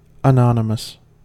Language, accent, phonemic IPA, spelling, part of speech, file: English, US, /əˈnɑ.nə.məs/, anonymous, adjective, En-us-anonymous.ogg
- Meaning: 1. Lacking a name; not named, for example an animal not assigned to any species . 2. Without any name acknowledged of a person responsible 3. Of unknown name; whose name is withheld